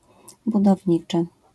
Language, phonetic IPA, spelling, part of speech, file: Polish, [ˌbudɔvʲˈɲit͡ʃɨ], budowniczy, noun / adjective, LL-Q809 (pol)-budowniczy.wav